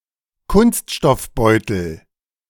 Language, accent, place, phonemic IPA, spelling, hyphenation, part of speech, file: German, Germany, Berlin, /ˈkʊnstʃtɔfˌbɔɪ̯tl̩/, Kunststoffbeutel, Kunst‧stoff‧beu‧tel, noun, De-Kunststoffbeutel.ogg
- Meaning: plastic bag